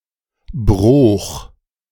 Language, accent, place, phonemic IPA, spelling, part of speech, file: German, Germany, Berlin, /broːx/, -broich, suffix, De--broich.ogg
- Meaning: Placename suffix found in the Rhineland, chiefly its northern parts